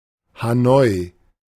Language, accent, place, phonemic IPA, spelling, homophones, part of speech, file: German, Germany, Berlin, /haˈnɔʏ̯/, Hanoi, ha noi, proper noun, De-Hanoi.ogg
- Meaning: Hanoi (the capital city of Vietnam)